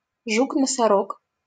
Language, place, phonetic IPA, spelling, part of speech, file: Russian, Saint Petersburg, [ˈʐuk nəsɐˈrok], жук-носорог, noun, LL-Q7737 (rus)-жук-носорог.wav
- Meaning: rhinoceros beetle (Oryctes nasicornis)